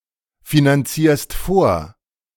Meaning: second-person singular present of vorfinanzieren
- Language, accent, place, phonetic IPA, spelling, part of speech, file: German, Germany, Berlin, [finanˌt͡siːɐ̯st ˈfoːɐ̯], finanzierst vor, verb, De-finanzierst vor.ogg